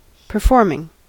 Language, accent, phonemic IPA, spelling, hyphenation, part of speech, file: English, US, /pɚˈfɔɹmɪŋ/, performing, per‧form‧ing, verb / noun, En-us-performing.ogg
- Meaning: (verb) present participle and gerund of perform; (noun) A performance